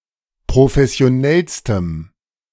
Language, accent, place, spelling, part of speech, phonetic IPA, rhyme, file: German, Germany, Berlin, professionellstem, adjective, [pʁofɛsi̯oˈnɛlstəm], -ɛlstəm, De-professionellstem.ogg
- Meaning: strong dative masculine/neuter singular superlative degree of professionell